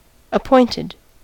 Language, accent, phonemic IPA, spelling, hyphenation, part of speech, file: English, US, /əˈpɔɪntɪd/, appointed, ap‧point‧ed, adjective / verb, En-us-appointed.ogg
- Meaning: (adjective) Subject to appointment, as opposed to an election; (verb) simple past and past participle of appoint